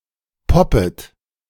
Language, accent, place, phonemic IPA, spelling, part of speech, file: German, Germany, Berlin, /ˈpɔpət/, poppet, verb, De-poppet.ogg
- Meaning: second-person plural subjunctive I of poppen